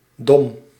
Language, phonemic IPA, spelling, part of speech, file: Dutch, /dɔm/, -dom, suffix, Nl--dom.ogg
- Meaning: 1. belonging to a domain or territory 2. belonging to a tribe of people 3. forms nouns with the quality or condition of the adjective stem